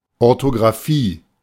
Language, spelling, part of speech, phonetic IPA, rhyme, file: German, Orthografie, noun, [ɔʁtoɡʁaˈfiː], -iː, De-Orthografie.oga